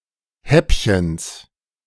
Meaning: genitive singular of Häppchen
- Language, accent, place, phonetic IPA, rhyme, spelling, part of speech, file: German, Germany, Berlin, [ˈhɛpçəns], -ɛpçəns, Häppchens, noun, De-Häppchens.ogg